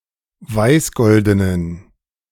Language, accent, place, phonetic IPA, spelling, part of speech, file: German, Germany, Berlin, [ˈvaɪ̯sˌɡɔldənən], weißgoldenen, adjective, De-weißgoldenen.ogg
- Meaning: inflection of weißgolden: 1. strong genitive masculine/neuter singular 2. weak/mixed genitive/dative all-gender singular 3. strong/weak/mixed accusative masculine singular 4. strong dative plural